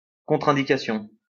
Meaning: a contraindication
- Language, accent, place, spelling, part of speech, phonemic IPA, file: French, France, Lyon, contre-indication, noun, /kɔ̃.tʁɛ̃.di.ka.sjɔ̃/, LL-Q150 (fra)-contre-indication.wav